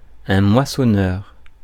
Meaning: harvester, reaper
- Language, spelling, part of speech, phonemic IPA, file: French, moissonneur, noun, /mwa.sɔ.nœʁ/, Fr-moissonneur.ogg